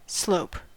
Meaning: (noun) 1. A surface that either inclines or declines in a regular manner from the perspective of an observer 2. An area of ground that tends evenly upward or downward
- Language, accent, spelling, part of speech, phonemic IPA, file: English, US, slope, noun / verb / adjective / adverb, /sloʊp/, En-us-slope.ogg